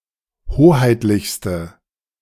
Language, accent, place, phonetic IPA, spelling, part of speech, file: German, Germany, Berlin, [ˈhoːhaɪ̯tlɪçstə], hoheitlichste, adjective, De-hoheitlichste.ogg
- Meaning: inflection of hoheitlich: 1. strong/mixed nominative/accusative feminine singular superlative degree 2. strong nominative/accusative plural superlative degree